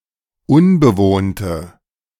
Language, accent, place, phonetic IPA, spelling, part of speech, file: German, Germany, Berlin, [ˈʊnbəˌvoːntə], unbewohnte, adjective, De-unbewohnte.ogg
- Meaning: inflection of unbewohnt: 1. strong/mixed nominative/accusative feminine singular 2. strong nominative/accusative plural 3. weak nominative all-gender singular